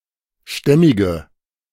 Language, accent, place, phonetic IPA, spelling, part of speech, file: German, Germany, Berlin, [ˈʃtɛmɪɡə], stämmige, adjective, De-stämmige.ogg
- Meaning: inflection of stämmig: 1. strong/mixed nominative/accusative feminine singular 2. strong nominative/accusative plural 3. weak nominative all-gender singular 4. weak accusative feminine/neuter singular